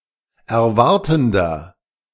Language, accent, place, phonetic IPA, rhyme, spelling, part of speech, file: German, Germany, Berlin, [ɛɐ̯ˈvaʁtn̩dɐ], -aʁtn̩dɐ, erwartender, adjective, De-erwartender.ogg
- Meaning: inflection of erwartend: 1. strong/mixed nominative masculine singular 2. strong genitive/dative feminine singular 3. strong genitive plural